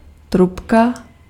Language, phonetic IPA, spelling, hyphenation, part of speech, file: Czech, [ˈtrupka], trubka, trub‧ka, noun, Cs-trubka.ogg
- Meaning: 1. bugle 2. trumpet (any pipe/wind instrument in general) 3. pipe (hollow tube) 4. simpleton